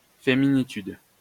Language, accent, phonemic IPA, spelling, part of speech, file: French, France, /fe.mi.ni.tyd/, féminitude, noun, LL-Q150 (fra)-féminitude.wav
- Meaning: womynhood (feminist definition of feminity)